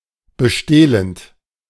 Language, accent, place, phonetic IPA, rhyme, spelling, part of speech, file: German, Germany, Berlin, [bəˈʃteːlənt], -eːlənt, bestehlend, verb, De-bestehlend.ogg
- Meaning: present participle of bestehlen